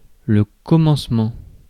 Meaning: beginning, start
- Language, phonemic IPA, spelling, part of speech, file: French, /kɔ.mɑ̃s.mɑ̃/, commencement, noun, Fr-commencement.ogg